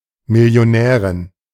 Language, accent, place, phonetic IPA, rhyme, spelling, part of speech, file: German, Germany, Berlin, [mɪli̯oˈnɛːʁɪn], -ɛːʁɪn, Millionärin, noun, De-Millionärin.ogg
- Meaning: millionaire (female), millionairess